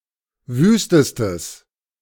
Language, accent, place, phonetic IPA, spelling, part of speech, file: German, Germany, Berlin, [ˈvyːstəstəs], wüstestes, adjective, De-wüstestes.ogg
- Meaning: strong/mixed nominative/accusative neuter singular superlative degree of wüst